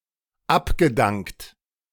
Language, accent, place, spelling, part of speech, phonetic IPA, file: German, Germany, Berlin, abgedankt, verb, [ˈapɡəˌdaŋkt], De-abgedankt.ogg
- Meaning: past participle of abdanken